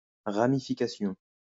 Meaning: 1. a (criminal) network, offshoots of an (often clandestine) organization 2. ramification, implication 3. ramification
- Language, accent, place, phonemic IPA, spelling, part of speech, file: French, France, Lyon, /ʁa.mi.fi.ka.sjɔ̃/, ramification, noun, LL-Q150 (fra)-ramification.wav